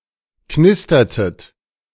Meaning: inflection of knistern: 1. second-person plural preterite 2. second-person plural subjunctive II
- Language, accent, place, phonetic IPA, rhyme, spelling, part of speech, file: German, Germany, Berlin, [ˈknɪstɐtət], -ɪstɐtət, knistertet, verb, De-knistertet.ogg